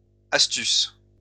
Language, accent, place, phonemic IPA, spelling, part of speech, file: French, France, Lyon, /as.tys/, astuces, noun, LL-Q150 (fra)-astuces.wav
- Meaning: plural of astuce